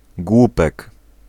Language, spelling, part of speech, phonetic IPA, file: Polish, głupek, noun, [ˈɡwupɛk], Pl-głupek.ogg